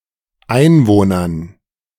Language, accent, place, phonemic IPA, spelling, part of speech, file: German, Germany, Berlin, /ˈʔaɪ̯nvoːnɐn/, Einwohnern, noun, De-Einwohnern.ogg
- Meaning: dative plural of Einwohner